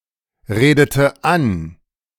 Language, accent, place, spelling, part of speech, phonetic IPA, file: German, Germany, Berlin, redete an, verb, [ˌʁeːdətə ˈan], De-redete an.ogg
- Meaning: inflection of anreden: 1. first/third-person singular preterite 2. first/third-person singular subjunctive II